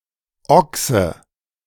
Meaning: ox (castrated bull; castrated male bovine animal)
- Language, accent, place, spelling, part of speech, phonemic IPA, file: German, Germany, Berlin, Ochse, noun, /ˈɔk.sə/, De-Ochse.ogg